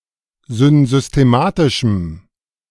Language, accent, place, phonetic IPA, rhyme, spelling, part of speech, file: German, Germany, Berlin, [zʏnzʏsteˈmaːtɪʃm̩], -aːtɪʃm̩, synsystematischem, adjective, De-synsystematischem.ogg
- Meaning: strong dative masculine/neuter singular of synsystematisch